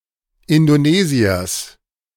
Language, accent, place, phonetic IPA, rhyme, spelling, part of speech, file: German, Germany, Berlin, [ɪndoˈneːzi̯ɐs], -eːzi̯ɐs, Indonesiers, noun, De-Indonesiers.ogg
- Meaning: genitive of Indonesier